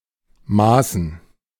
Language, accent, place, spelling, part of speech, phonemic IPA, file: German, Germany, Berlin, maßen, conjunction / verb, /ˈmaːsn̩/, De-maßen.ogg
- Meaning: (conjunction) since; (verb) first/third-person plural preterite of messen